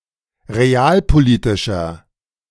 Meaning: inflection of realpolitisch: 1. strong/mixed nominative masculine singular 2. strong genitive/dative feminine singular 3. strong genitive plural
- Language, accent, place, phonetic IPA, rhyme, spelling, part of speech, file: German, Germany, Berlin, [ʁeˈaːlpoˌliːtɪʃɐ], -aːlpoliːtɪʃɐ, realpolitischer, adjective, De-realpolitischer.ogg